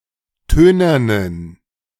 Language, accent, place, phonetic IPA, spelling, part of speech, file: German, Germany, Berlin, [ˈtøːnɐnən], tönernen, adjective, De-tönernen.ogg
- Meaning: inflection of tönern: 1. strong genitive masculine/neuter singular 2. weak/mixed genitive/dative all-gender singular 3. strong/weak/mixed accusative masculine singular 4. strong dative plural